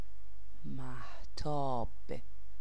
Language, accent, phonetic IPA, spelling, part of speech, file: Persian, Iran, [mæɦ.t̪ʰɒ́ːb̥], مهتاب, noun / proper noun, Fa-مهتاب.ogg
- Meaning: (noun) moonlight; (proper noun) a female given name, Mahtab